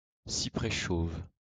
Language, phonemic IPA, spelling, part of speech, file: French, /si.pʁɛ ʃov/, cyprès chauve, noun, LL-Q150 (fra)-cyprès chauve.wav
- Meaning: bald cypress (Taxodium distichum)